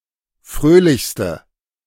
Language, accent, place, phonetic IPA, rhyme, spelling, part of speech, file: German, Germany, Berlin, [ˈfʁøːlɪçstə], -øːlɪçstə, fröhlichste, adjective, De-fröhlichste.ogg
- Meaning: inflection of fröhlich: 1. strong/mixed nominative/accusative feminine singular superlative degree 2. strong nominative/accusative plural superlative degree